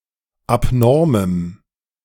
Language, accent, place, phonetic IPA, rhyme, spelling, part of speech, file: German, Germany, Berlin, [apˈnɔʁməm], -ɔʁməm, abnormem, adjective, De-abnormem.ogg
- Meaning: strong dative masculine/neuter singular of abnorm